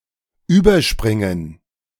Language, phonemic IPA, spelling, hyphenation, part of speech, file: German, /ˈyːbɐˌʃpʁɪŋən/, überspringen, über‧sprin‧gen, verb, De-überspringen2.ogg
- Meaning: to jump over